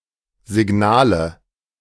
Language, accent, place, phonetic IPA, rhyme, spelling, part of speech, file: German, Germany, Berlin, [zɪˈɡnaːlə], -aːlə, Signale, noun, De-Signale.ogg
- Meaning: nominative/accusative/genitive plural of Signal